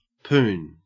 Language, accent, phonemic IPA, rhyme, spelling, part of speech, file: English, Australia, /puːn/, -uːn, poon, noun, En-au-poon.ogg
- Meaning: 1. Any of several East Indian trees of the genus Calophyllum, yielding a light, hard wood used for masts, spars, etc 2. The vagina and vulva; or intercourse with a woman 3. A wimp; a pussy